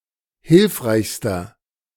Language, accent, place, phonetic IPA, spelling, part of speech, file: German, Germany, Berlin, [ˈhɪlfʁaɪ̯çstɐ], hilfreichster, adjective, De-hilfreichster.ogg
- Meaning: inflection of hilfreich: 1. strong/mixed nominative masculine singular superlative degree 2. strong genitive/dative feminine singular superlative degree 3. strong genitive plural superlative degree